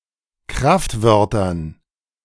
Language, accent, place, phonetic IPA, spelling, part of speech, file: German, Germany, Berlin, [ˈkʁaftˌvœʁtɐn], Kraftwörtern, noun, De-Kraftwörtern.ogg
- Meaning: dative plural of Kraftwort